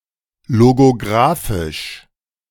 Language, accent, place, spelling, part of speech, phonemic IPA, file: German, Germany, Berlin, logografisch, adjective, /loɡoˈɡʁaːfɪʃ/, De-logografisch.ogg
- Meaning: logographic